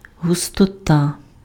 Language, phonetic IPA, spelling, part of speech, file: Ukrainian, [ɦʊstɔˈta], густота, noun, Uk-густота.ogg
- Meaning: 1. thickness (quality of being thick in consistency) 2. density